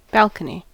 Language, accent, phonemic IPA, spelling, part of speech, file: English, US, /ˈbælkəni/, balcony, noun, En-us-balcony.ogg
- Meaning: 1. An accessible structure extending from a building, especially outside a window 2. An accessible structure overlooking a stage or the like